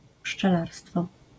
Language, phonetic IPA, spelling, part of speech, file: Polish, [pʃt͡ʃɛˈlarstfɔ], pszczelarstwo, noun, LL-Q809 (pol)-pszczelarstwo.wav